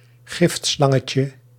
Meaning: diminutive of giftslang
- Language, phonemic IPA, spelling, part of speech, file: Dutch, /ˈɣɪftslɑŋəcə/, giftslangetje, noun, Nl-giftslangetje.ogg